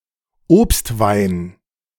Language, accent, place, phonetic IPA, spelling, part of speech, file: German, Germany, Berlin, [ˈoːpstˌvaɪ̯n], Obstwein, noun, De-Obstwein.ogg
- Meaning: fruit wine